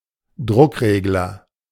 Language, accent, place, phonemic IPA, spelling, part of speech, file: German, Germany, Berlin, /ˈdʁʊkˌʁeːɡlɐ/, Druckregler, noun, De-Druckregler.ogg
- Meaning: pressure regulator, pressure controller, pressurestat